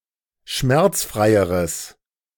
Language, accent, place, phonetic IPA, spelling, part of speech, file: German, Germany, Berlin, [ˈʃmɛʁt͡sˌfʁaɪ̯əʁəs], schmerzfreieres, adjective, De-schmerzfreieres.ogg
- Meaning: strong/mixed nominative/accusative neuter singular comparative degree of schmerzfrei